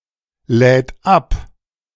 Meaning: third-person singular present of abladen
- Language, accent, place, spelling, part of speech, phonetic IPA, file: German, Germany, Berlin, lädt ab, verb, [ˌlɛːt ˈap], De-lädt ab.ogg